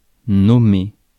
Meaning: 1. to nominate 2. to name, to call 3. to be called, to call oneself
- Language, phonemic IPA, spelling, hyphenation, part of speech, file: French, /nɔ.me/, nommer, nom‧mer, verb, Fr-nommer.ogg